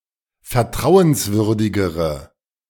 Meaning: inflection of vertrauenswürdig: 1. strong/mixed nominative/accusative feminine singular comparative degree 2. strong nominative/accusative plural comparative degree
- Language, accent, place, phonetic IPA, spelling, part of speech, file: German, Germany, Berlin, [fɛɐ̯ˈtʁaʊ̯ənsˌvʏʁdɪɡəʁə], vertrauenswürdigere, adjective, De-vertrauenswürdigere.ogg